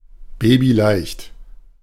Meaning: easy peasy
- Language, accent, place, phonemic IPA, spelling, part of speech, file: German, Germany, Berlin, /ˈbeːbiˈlaɪ̯çt/, babyleicht, adjective, De-babyleicht.ogg